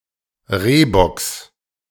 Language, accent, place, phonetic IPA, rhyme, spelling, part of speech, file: German, Germany, Berlin, [ˈʁeːbɔks], -eːbɔks, Rehbocks, noun, De-Rehbocks.ogg
- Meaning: genitive singular of Rehbock